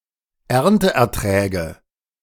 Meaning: nominative/accusative/genitive plural of Ernteertrag
- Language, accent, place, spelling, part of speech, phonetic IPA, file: German, Germany, Berlin, Ernteerträge, noun, [ˈɛʁntəʔɛɐ̯ˌtʁɛːɡə], De-Ernteerträge.ogg